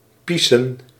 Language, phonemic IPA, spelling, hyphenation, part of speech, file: Dutch, /ˈpi.sə(n)/, piesen, pie‧sen, verb, Nl-piesen.ogg
- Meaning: to piss, to pee